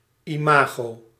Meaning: 1. image 2. imago: the full grown form of an insect
- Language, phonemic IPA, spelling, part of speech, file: Dutch, /iˈmaɣo/, imago, noun, Nl-imago.ogg